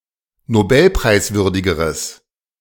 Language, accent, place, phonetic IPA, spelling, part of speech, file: German, Germany, Berlin, [noˈbɛlpʁaɪ̯sˌvʏʁdɪɡəʁəs], nobelpreiswürdigeres, adjective, De-nobelpreiswürdigeres.ogg
- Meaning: strong/mixed nominative/accusative neuter singular comparative degree of nobelpreiswürdig